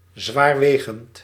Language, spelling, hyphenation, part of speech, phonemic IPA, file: Dutch, zwaarwegend, zwaar‧we‧gend, adjective, /ˌzʋaːrˈʋeː.ɣənt/, Nl-zwaarwegend.ogg
- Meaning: important, weighty, grave